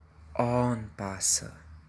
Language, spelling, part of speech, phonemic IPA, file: Hunsrik, aanbasse, verb, /ˈɔːnˌpasə/, Hrx-aanbasse.ogg
- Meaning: to try (taste of food, fit of clothing etc.)